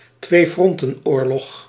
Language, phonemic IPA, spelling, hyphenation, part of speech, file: Dutch, /tʋeːˈfrɔn.tə(n)ˌoːr.lɔx/, tweefrontenoorlog, twee‧fron‧ten‧oor‧log, noun, Nl-tweefrontenoorlog.ogg
- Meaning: two-front war (war fought on two separate fronts)